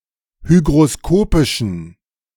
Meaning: inflection of hygroskopisch: 1. strong genitive masculine/neuter singular 2. weak/mixed genitive/dative all-gender singular 3. strong/weak/mixed accusative masculine singular 4. strong dative plural
- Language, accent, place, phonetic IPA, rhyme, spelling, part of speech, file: German, Germany, Berlin, [ˌhyɡʁoˈskoːpɪʃn̩], -oːpɪʃn̩, hygroskopischen, adjective, De-hygroskopischen.ogg